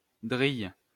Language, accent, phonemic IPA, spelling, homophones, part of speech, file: French, France, /dʁil/, drille, drillent / drilles, noun / verb, LL-Q150 (fra)-drille.wav
- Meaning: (noun) 1. soldier 2. fellow; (verb) inflection of driller: 1. first/third-person singular present indicative/subjunctive 2. second-person singular imperative